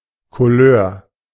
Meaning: 1. shade, kind, caliber 2. headgear and ribbons traditionally worn by members of a particular Studentenverbindung
- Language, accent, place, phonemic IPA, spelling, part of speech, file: German, Germany, Berlin, /kuˈløːɐ̯/, Couleur, noun, De-Couleur.ogg